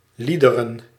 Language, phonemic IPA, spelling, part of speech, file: Dutch, /ˈli.də.rə(n)/, liederen, noun, Nl-liederen.ogg
- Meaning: plural of lied